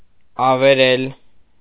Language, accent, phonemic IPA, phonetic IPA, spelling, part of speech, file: Armenian, Eastern Armenian, /ɑveˈɾel/, [ɑveɾél], ավերել, verb, Hy-ավերել.ogg
- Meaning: to ruin, destroy, devastate